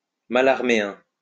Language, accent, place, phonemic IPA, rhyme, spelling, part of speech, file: French, France, Lyon, /ma.laʁ.me.ɛ̃/, -ɛ̃, mallarméen, adjective, LL-Q150 (fra)-mallarméen.wav
- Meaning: of Stéphane Mallarmé; Mallarméan